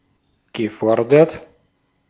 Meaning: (verb) past participle of fordern; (adjective) 1. claimed 2. postulated 3. stipulated
- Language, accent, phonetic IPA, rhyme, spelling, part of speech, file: German, Austria, [ɡəˈfɔʁdɐt], -ɔʁdɐt, gefordert, verb, De-at-gefordert.ogg